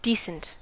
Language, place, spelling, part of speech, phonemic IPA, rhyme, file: English, California, decent, adjective, /ˈdi.sənt/, -iːsənt, En-us-decent.ogg
- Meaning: 1. Appropriate; suitable for the circumstances 2. Having a suitable conformity to basic moral standards; showing integrity, fairness, or other characteristics associated with moral uprightness